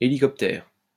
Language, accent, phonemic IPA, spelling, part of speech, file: French, France, /e.li.kɔp.tɛʁ/, hélicoptère, noun, LL-Q150 (fra)-hélicoptère.wav
- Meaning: helicopter